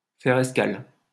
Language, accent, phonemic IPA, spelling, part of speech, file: French, France, /fɛʁ ɛs.kal/, faire escale, verb, LL-Q150 (fra)-faire escale.wav
- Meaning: to make a stopover, to stop off (somewhere)